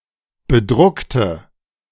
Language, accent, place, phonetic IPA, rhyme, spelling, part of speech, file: German, Germany, Berlin, [bəˈdʁʊktə], -ʊktə, bedruckte, adjective / verb, De-bedruckte.ogg
- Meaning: inflection of bedruckt: 1. strong/mixed nominative/accusative feminine singular 2. strong nominative/accusative plural 3. weak nominative all-gender singular